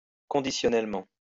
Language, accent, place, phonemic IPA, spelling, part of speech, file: French, France, Lyon, /kɔ̃.di.sjɔ.nɛl.mɑ̃/, conditionnellement, adverb, LL-Q150 (fra)-conditionnellement.wav
- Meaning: conditionally